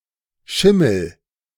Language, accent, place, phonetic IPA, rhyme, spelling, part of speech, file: German, Germany, Berlin, [ˈʃɪml̩], -ɪml̩, schimmel, verb, De-schimmel.ogg
- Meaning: inflection of schimmeln: 1. first-person singular present 2. singular imperative